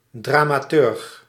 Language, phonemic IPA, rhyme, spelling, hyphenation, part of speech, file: Dutch, /ˌdraː.maːˈtʏrx/, -ʏrx, dramaturg, dra‧ma‧turg, noun, Nl-dramaturg.ogg
- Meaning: 1. dramatist, playwright, dramaturge 2. dramaturge, person in a coordinative function at theatre productions